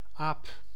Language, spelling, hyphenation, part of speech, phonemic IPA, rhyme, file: Dutch, aap, aap, noun, /aːp/, -aːp, Nl-aap.ogg
- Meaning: 1. monkey, ape, simian; any member of the infraorder Simiiformes 2. Term of abuse, presenting a person as not quite human on account of appearance, monkey business and so on